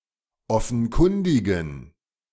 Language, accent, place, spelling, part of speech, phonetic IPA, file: German, Germany, Berlin, offenkundigen, adjective, [ˈɔfn̩ˌkʊndɪɡn̩], De-offenkundigen.ogg
- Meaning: inflection of offenkundig: 1. strong genitive masculine/neuter singular 2. weak/mixed genitive/dative all-gender singular 3. strong/weak/mixed accusative masculine singular 4. strong dative plural